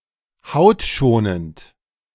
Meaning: gentle on the skin
- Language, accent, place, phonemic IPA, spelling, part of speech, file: German, Germany, Berlin, /ˈhaʊ̯tˌʃoːnənt/, hautschonend, adjective, De-hautschonend.ogg